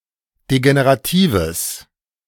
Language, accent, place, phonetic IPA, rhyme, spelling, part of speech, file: German, Germany, Berlin, [deɡeneʁaˈtiːvəs], -iːvəs, degeneratives, adjective, De-degeneratives.ogg
- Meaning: strong/mixed nominative/accusative neuter singular of degenerativ